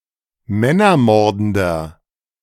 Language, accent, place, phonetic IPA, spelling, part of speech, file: German, Germany, Berlin, [ˈmɛnɐˌmɔʁdn̩dɐ], männermordender, adjective, De-männermordender.ogg
- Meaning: inflection of männermordend: 1. strong/mixed nominative masculine singular 2. strong genitive/dative feminine singular 3. strong genitive plural